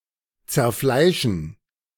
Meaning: to maul (of prey)
- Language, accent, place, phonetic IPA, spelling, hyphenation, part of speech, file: German, Germany, Berlin, [t͡sɛɐ̯ˈflaɪ̯ʃn̩], zerfleischen, zer‧flei‧schen, verb, De-zerfleischen.ogg